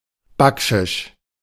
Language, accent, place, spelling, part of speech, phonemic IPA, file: German, Germany, Berlin, Bakschisch, noun, /ˈbakʃɪʃ/, De-Bakschisch.ogg
- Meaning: baksheesh (bribe or tip paid to speed up services in the Middle East an SW Asia)